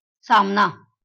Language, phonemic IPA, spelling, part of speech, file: Marathi, /sam.na/, सामना, noun, LL-Q1571 (mar)-सामना.wav
- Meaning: match, confrontation